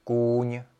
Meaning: 1. horse 2. something inanimate that resembles a horse: knight (chess piece) 3. something inanimate that resembles a horse: pommel horse 4. something inanimate that resembles a horse: horsepower
- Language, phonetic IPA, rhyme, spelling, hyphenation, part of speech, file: Czech, [ˈkuːɲ], -uːɲ, kůň, kůň, noun, Cs-kůň.ogg